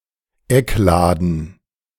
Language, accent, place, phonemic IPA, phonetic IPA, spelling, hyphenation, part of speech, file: German, Germany, Berlin, /ˈɛkˌlaːdən/, [ˈɛkˌlaːdn̩], Eckladen, Eck‧la‧den, noun, De-Eckladen.ogg
- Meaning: corner shop, convenience store